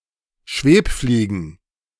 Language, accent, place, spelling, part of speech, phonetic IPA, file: German, Germany, Berlin, Schwebfliegen, noun, [ˈʃveːpˌfliːɡn̩], De-Schwebfliegen.ogg
- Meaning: plural of Schwebfliege